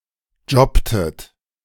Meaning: inflection of jobben: 1. second-person plural preterite 2. second-person plural subjunctive II
- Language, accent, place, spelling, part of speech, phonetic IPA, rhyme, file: German, Germany, Berlin, jobbtet, verb, [ˈd͡ʒɔptət], -ɔptət, De-jobbtet.ogg